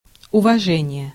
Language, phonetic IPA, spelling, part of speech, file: Russian, [ʊvɐˈʐɛnʲɪje], уважение, noun, Ru-уважение.ogg
- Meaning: respect, esteem, deference (admiration for a person or entity because of perceived merit)